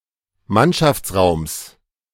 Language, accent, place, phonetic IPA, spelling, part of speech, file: German, Germany, Berlin, [ˈmanʃaft͡sˌʁaʊ̯ms], Mannschaftsraums, noun, De-Mannschaftsraums.ogg
- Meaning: genitive singular of Mannschaftsraum